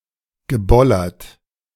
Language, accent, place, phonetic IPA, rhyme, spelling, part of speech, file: German, Germany, Berlin, [ɡəˈbɔlɐt], -ɔlɐt, gebollert, verb, De-gebollert.ogg
- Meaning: past participle of bollern